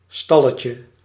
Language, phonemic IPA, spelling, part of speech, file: Dutch, /ˈstɑləcə/, stalletje, noun, Nl-stalletje.ogg
- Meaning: diminutive of stal